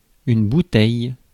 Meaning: 1. bottle (container, typically made of glass or plastic and having a tapered neck, used primarily for holding liquids) 2. alcohol 3. experience
- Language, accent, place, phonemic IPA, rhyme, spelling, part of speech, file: French, France, Paris, /bu.tɛj/, -ɛj, bouteille, noun, Fr-bouteille.ogg